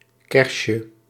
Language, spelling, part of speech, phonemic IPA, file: Dutch, kersje, noun, /ˈkɛrʃə/, Nl-kersje.ogg
- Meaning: diminutive of kers